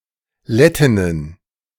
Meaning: plural of Lettin
- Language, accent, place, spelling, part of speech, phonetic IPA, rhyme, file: German, Germany, Berlin, Lettinnen, noun, [ˈlɛtɪnən], -ɛtɪnən, De-Lettinnen.ogg